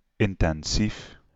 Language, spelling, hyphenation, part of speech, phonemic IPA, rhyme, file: Dutch, intensief, in‧ten‧sief, adjective, /ˌɪn.tɛnˈzif/, -if, Nl-intensief.ogg
- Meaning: intensive